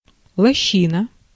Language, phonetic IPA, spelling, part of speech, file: Russian, [ɫɐˈɕːinə], лощина, noun, Ru-лощина.ogg
- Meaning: hollow, depression, dell, glen, ravine